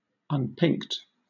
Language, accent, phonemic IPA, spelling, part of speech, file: English, Southern England, /ʌnˈpɪŋkt/, unpinked, adjective, LL-Q1860 (eng)-unpinked.wav
- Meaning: Not pinked; of clothing or fabric, not ornamented with holes or scallops